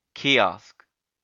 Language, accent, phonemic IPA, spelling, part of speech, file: English, US, /ˈkiˌɑsk/, kiosk, noun, En-us-kiosk.ogg
- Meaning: A small enclosed structure, often freestanding, open on one side or with a window, used as a booth to sell newspapers, cigarettes, etc